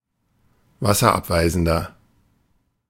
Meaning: 1. comparative degree of wasserabweisend 2. inflection of wasserabweisend: strong/mixed nominative masculine singular 3. inflection of wasserabweisend: strong genitive/dative feminine singular
- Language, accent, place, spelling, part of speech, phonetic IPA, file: German, Germany, Berlin, wasserabweisender, adjective, [ˈvasɐˌʔapvaɪ̯zn̩dɐ], De-wasserabweisender.ogg